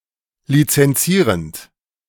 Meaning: present participle of lizenzieren
- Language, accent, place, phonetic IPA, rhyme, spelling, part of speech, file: German, Germany, Berlin, [lit͡sɛnˈt͡siːʁənt], -iːʁənt, lizenzierend, verb, De-lizenzierend.ogg